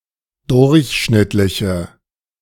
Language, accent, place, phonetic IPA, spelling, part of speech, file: German, Germany, Berlin, [ˈdʊʁçˌʃnɪtlɪçə], durchschnittliche, adjective, De-durchschnittliche.ogg
- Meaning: inflection of durchschnittlich: 1. strong/mixed nominative/accusative feminine singular 2. strong nominative/accusative plural 3. weak nominative all-gender singular